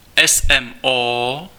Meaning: initialism of Světová meteorologická organizace (“World Meteorological Organisation”): WMO
- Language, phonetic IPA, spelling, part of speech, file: Czech, [ɛs ɛm oː], SMO, proper noun, Cs-SMO.ogg